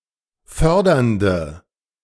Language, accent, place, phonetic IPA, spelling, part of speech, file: German, Germany, Berlin, [ˈfœʁdɐndə], fördernde, adjective, De-fördernde.ogg
- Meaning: inflection of fördernd: 1. strong/mixed nominative/accusative feminine singular 2. strong nominative/accusative plural 3. weak nominative all-gender singular